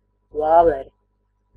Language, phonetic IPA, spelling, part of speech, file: Latvian, [ˈvāːvɛɾɛ], vāvere, noun, Lv-vāvere.ogg
- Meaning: squirrel (family Sciuridae)